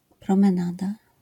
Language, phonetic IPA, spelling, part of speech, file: Polish, [ˌprɔ̃mɛ̃ˈnada], promenada, noun, LL-Q809 (pol)-promenada.wav